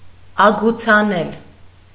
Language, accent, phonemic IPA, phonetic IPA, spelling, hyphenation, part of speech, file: Armenian, Eastern Armenian, /ɑɡut͡sʰɑˈnel/, [ɑɡut͡sʰɑnél], ագուցանել, ա‧գու‧ցա‧նել, verb, Hy-ագուցանել.ogg
- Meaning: alternative form of ագուցել (agucʻel)